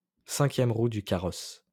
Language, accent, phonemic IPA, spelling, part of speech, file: French, France, /sɛ̃.kjɛm ʁu dy ka.ʁɔs/, cinquième roue du carrosse, noun, LL-Q150 (fra)-cinquième roue du carrosse.wav
- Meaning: fifth wheel (anything superfluous or unnecessary)